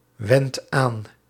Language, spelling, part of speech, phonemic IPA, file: Dutch, wendt aan, verb, /ˈwɛnt ˈan/, Nl-wendt aan.ogg
- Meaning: inflection of aanwenden: 1. second/third-person singular present indicative 2. plural imperative